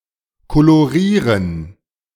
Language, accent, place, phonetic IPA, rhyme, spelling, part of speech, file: German, Germany, Berlin, [koloˈʁiːʁən], -iːʁən, kolorieren, verb, De-kolorieren.ogg
- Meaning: to colorize (a black and white film or photograph)